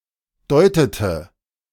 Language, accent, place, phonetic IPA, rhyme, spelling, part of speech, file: German, Germany, Berlin, [ˈdɔɪ̯tətə], -ɔɪ̯tətə, deutete, verb, De-deutete.ogg
- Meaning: inflection of deuten: 1. first/third-person singular preterite 2. first/third-person singular subjunctive II